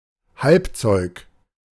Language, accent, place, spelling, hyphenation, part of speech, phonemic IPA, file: German, Germany, Berlin, Halbzeug, Halb‧zeug, noun, /ˈhalpt͡sɔɪ̯k/, De-Halbzeug.ogg
- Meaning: semi-finished or pre-production product